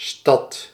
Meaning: 1. city, town 2. the town/city centre
- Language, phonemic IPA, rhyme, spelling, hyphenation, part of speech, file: Dutch, /stɑt/, -ɑt, stad, stad, noun, Nl-stad.ogg